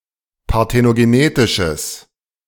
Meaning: strong/mixed nominative/accusative neuter singular of parthenogenetisch
- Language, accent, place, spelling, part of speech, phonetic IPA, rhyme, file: German, Germany, Berlin, parthenogenetisches, adjective, [paʁtenoɡeˈneːtɪʃəs], -eːtɪʃəs, De-parthenogenetisches.ogg